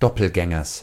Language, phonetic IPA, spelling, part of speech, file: German, [ˈdɔpl̩ˌɡɛŋɐs], Doppelgängers, noun, De-Doppelgängers.ogg
- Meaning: genitive singular of Doppelgänger